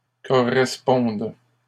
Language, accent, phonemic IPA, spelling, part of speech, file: French, Canada, /kɔ.ʁɛs.pɔ̃d/, correspondent, verb, LL-Q150 (fra)-correspondent.wav
- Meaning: third-person plural present indicative/subjunctive of correspondre